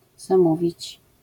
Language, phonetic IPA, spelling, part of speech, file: Polish, [zãˈmuvʲit͡ɕ], zamówić, verb, LL-Q809 (pol)-zamówić.wav